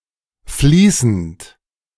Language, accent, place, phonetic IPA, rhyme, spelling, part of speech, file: German, Germany, Berlin, [ˈfliːsn̩t], -iːsn̩t, fließend, adjective / verb, De-fließend.ogg
- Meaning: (verb) present participle of fließen; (adjective) fluent (in language proficiency, etc.)